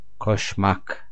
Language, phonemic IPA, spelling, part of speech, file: Turkish, /koʃˈmak/, koşmak, verb, Tur-koşmak.ogg
- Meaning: 1. to run 2. to add, to attach, to pair